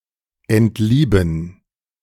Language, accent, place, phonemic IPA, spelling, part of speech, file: German, Germany, Berlin, /ɛntˈliːbən/, entlieben, verb, De-entlieben.ogg
- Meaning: to fall out of love, to unlove, to stop being in love